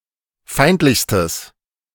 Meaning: strong/mixed nominative/accusative neuter singular superlative degree of feindlich
- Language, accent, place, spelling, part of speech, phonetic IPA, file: German, Germany, Berlin, feindlichstes, adjective, [ˈfaɪ̯ntlɪçstəs], De-feindlichstes.ogg